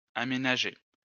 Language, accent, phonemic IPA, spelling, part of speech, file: French, France, /a.me.na.ʒe/, aménager, verb, LL-Q150 (fra)-aménager.wav
- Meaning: 1. to lay out, fit out 2. to develop, convert (to an intended use)